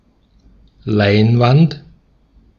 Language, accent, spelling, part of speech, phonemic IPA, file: German, Austria, Leinwand, noun, /ˈlaɪ̯nvant/, De-at-Leinwand.ogg
- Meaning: 1. fabric, linen, canvas 2. canvas 3. screen